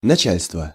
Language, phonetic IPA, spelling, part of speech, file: Russian, [nɐˈt͡ɕælʲstvə], начальство, noun, Ru-начальство.ogg
- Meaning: 1. command, direction 2. authorities 3. chief, head, boss